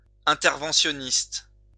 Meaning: interventionist
- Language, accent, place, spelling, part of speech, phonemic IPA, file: French, France, Lyon, interventionniste, adjective, /ɛ̃.tɛʁ.vɑ̃.sjɔ.nist/, LL-Q150 (fra)-interventionniste.wav